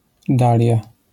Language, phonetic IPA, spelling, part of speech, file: Polish, [ˈdalʲja], dalia, noun, LL-Q809 (pol)-dalia.wav